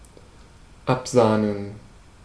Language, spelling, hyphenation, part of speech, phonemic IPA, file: German, absahnen, ab‧sah‧nen, verb, /ˈapˌzaːnən/, De-absahnen.ogg
- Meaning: 1. to skim 2. to skim off money